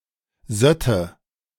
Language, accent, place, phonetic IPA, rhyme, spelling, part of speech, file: German, Germany, Berlin, [ˈzœtə], -œtə, sötte, verb, De-sötte.ogg
- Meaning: first/third-person singular subjunctive II of sieden